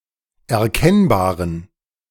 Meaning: inflection of erkennbar: 1. strong genitive masculine/neuter singular 2. weak/mixed genitive/dative all-gender singular 3. strong/weak/mixed accusative masculine singular 4. strong dative plural
- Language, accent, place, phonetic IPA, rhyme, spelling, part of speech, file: German, Germany, Berlin, [ɛɐ̯ˈkɛnbaːʁən], -ɛnbaːʁən, erkennbaren, adjective, De-erkennbaren.ogg